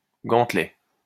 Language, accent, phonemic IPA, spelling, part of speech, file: French, France, /ɡɑ̃t.lɛ/, gantelet, noun, LL-Q150 (fra)-gantelet.wav
- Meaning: 1. gauntlet (armored glove) 2. gauntlet (falconer's glove) 3. gauntlet (challenge)